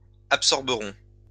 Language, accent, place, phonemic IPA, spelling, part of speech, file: French, France, Lyon, /ap.sɔʁ.bə.ʁɔ̃/, absorberons, verb, LL-Q150 (fra)-absorberons.wav
- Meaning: first-person plural future of absorber